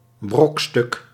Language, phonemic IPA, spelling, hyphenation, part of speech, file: Dutch, /ˈbrɔk.stʏk/, brokstuk, brok‧stuk, noun, Nl-brokstuk.ogg
- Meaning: a fragment, in particular a piece of wreckage or a fragment of a broken object